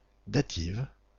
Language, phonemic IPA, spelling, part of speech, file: French, /da.tiv/, dative, adjective, Dative-FR.ogg
- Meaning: feminine singular of datif